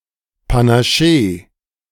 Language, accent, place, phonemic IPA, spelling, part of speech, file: German, Germany, Berlin, /pa.naˈʃeː/, Panaché, noun, De-Panaché.ogg
- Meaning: shandy